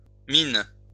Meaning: plural of mine
- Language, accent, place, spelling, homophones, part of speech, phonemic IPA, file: French, France, Lyon, mines, mine / minent, noun, /min/, LL-Q150 (fra)-mines.wav